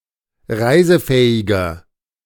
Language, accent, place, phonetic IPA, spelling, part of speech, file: German, Germany, Berlin, [ˈʁaɪ̯zəˌfɛːɪɡɐ], reisefähiger, adjective, De-reisefähiger.ogg
- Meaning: 1. comparative degree of reisefähig 2. inflection of reisefähig: strong/mixed nominative masculine singular 3. inflection of reisefähig: strong genitive/dative feminine singular